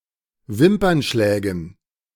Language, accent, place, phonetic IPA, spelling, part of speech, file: German, Germany, Berlin, [ˈvɪmpɐnˌʃlɛːɡn̩], Wimpernschlägen, noun, De-Wimpernschlägen.ogg
- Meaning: dative plural of Wimpernschlag